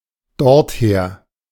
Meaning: from there, thence
- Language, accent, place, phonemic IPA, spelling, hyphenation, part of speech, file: German, Germany, Berlin, /ˈdɔʁtˌheːɐ̯/, dorther, dort‧her, adverb, De-dorther.ogg